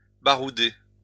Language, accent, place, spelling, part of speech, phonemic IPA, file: French, France, Lyon, barouder, verb, /ba.ʁu.de/, LL-Q150 (fra)-barouder.wav
- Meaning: to combat, battle